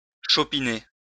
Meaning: to tope (drink excessively)
- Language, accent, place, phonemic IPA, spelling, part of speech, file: French, France, Lyon, /ʃɔ.pi.ne/, chopiner, verb, LL-Q150 (fra)-chopiner.wav